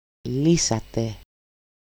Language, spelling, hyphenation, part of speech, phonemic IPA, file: Greek, λύσατε, λύ‧σα‧τε, verb, /ˈli.sa.te/, El-λύσατε.ogg
- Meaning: 1. second-person plural simple past active indicative of λύνω (lýno) 2. 2nd person plural imperative of the ancient aorist ἔλῡσᾰ (élūsă): used as set phrase in military or gymnastics commands